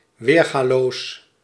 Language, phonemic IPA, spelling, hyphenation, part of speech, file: Dutch, /ˈʋeːr.ɣaːˌloːs/, weergaloos, weer‧ga‧loos, adjective, Nl-weergaloos.ogg
- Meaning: unrivalled, unequalled, unique